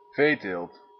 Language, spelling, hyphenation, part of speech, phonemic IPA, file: Dutch, veeteelt, vee‧teelt, noun, /ˈveː.teːlt/, Nl-veeteelt.ogg
- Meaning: husbandry, the raising of livestock